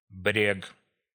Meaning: bank, shore, coast
- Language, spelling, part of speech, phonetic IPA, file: Russian, брег, noun, [brʲek], Ru-брег.ogg